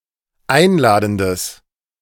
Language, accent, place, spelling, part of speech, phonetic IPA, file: German, Germany, Berlin, einladendes, adjective, [ˈaɪ̯nˌlaːdn̩dəs], De-einladendes.ogg
- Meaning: strong/mixed nominative/accusative neuter singular of einladend